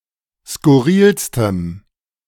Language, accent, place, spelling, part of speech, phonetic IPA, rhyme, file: German, Germany, Berlin, skurrilstem, adjective, [skʊˈʁiːlstəm], -iːlstəm, De-skurrilstem.ogg
- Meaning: strong dative masculine/neuter singular superlative degree of skurril